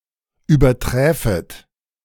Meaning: second-person plural subjunctive II of übertreffen
- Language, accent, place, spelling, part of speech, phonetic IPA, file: German, Germany, Berlin, überträfet, verb, [yːbɐˈtʁɛːfət], De-überträfet.ogg